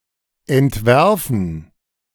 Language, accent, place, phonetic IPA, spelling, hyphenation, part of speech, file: German, Germany, Berlin, [ɛntˈvɛʁfn̩], entwerfen, ent‧wer‧fen, verb, De-entwerfen.ogg
- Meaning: 1. to sketch, to draft 2. to devise, design